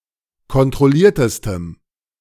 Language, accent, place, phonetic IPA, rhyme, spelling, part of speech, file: German, Germany, Berlin, [kɔntʁɔˈliːɐ̯təstəm], -iːɐ̯təstəm, kontrolliertestem, adjective, De-kontrolliertestem.ogg
- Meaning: strong dative masculine/neuter singular superlative degree of kontrolliert